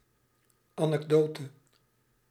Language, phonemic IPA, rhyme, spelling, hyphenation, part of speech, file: Dutch, /ˌaː.nɛkˈdoː.tə/, -oːtə, anekdote, anek‧do‧te, noun, Nl-anekdote.ogg
- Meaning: anecdote